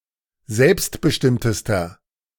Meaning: inflection of selbstbestimmt: 1. strong/mixed nominative masculine singular superlative degree 2. strong genitive/dative feminine singular superlative degree
- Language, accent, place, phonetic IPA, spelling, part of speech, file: German, Germany, Berlin, [ˈzɛlpstbəˌʃtɪmtəstɐ], selbstbestimmtester, adjective, De-selbstbestimmtester.ogg